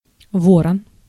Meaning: raven
- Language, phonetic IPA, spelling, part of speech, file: Russian, [ˈvorən], ворон, noun, Ru-ворон.ogg